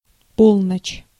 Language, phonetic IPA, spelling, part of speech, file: Russian, [ˈpoɫnət͡ɕ], полночь, noun, Ru-полночь.ogg
- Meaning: 1. midnight 2. north